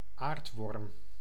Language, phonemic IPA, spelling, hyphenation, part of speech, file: Dutch, /ˈaːrt.ʋɔrm/, aardworm, aard‧worm, noun, Nl-aardworm.ogg
- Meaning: 1. an earthworm, the most common terrestrian worm species 2. an insignificant, or even despicable, creature